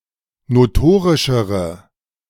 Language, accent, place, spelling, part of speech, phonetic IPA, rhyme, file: German, Germany, Berlin, notorischere, adjective, [noˈtoːʁɪʃəʁə], -oːʁɪʃəʁə, De-notorischere.ogg
- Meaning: inflection of notorisch: 1. strong/mixed nominative/accusative feminine singular comparative degree 2. strong nominative/accusative plural comparative degree